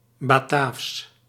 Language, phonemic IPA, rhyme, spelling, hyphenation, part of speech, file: Dutch, /baːˈtaːfs/, -aːfs, Bataafs, Ba‧taafs, adjective, Nl-Bataafs.ogg
- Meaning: 1. Batavian (relating to the tribe of the Batavi) 2. Batavian (relating to the Batavian Republic) 3. Dutch (relating to the Netherlands)